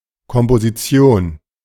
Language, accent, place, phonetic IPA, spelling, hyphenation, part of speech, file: German, Germany, Berlin, [kɔmpoziˈtsi̯oːn], Komposition, Kom‧po‧si‧ti‧on, noun, De-Komposition.ogg
- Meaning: 1. composition 2. creation